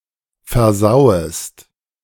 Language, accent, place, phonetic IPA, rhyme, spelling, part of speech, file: German, Germany, Berlin, [fɛɐ̯ˈzaʊ̯əst], -aʊ̯əst, versauest, verb, De-versauest.ogg
- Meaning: second-person singular subjunctive I of versauen